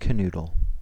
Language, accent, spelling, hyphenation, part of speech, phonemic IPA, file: English, General American, canoodle, ca‧noo‧dle, verb / noun, /kəˈnud(ə)l/, En-us-canoodle.ogg
- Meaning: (verb) 1. To caress, fondle, or pet (someone); also, to have sexual intercourse with (someone); to make love with 2. To cajole or persuade (someone)